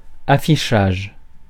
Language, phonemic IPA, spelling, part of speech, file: French, /a.fi.ʃaʒ/, affichage, noun, Fr-affichage.ogg
- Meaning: 1. posting, to post a notice 2. display